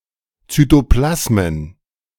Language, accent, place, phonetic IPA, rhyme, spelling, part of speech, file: German, Germany, Berlin, [ˌt͡syːtoˈplasmən], -asmən, Zytoplasmen, noun, De-Zytoplasmen.ogg
- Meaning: plural of Zytoplasma